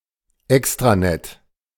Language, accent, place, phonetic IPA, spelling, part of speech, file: German, Germany, Berlin, [ˈɛkstʁaˌnɛt], Extranet, noun, De-Extranet.ogg
- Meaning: extranet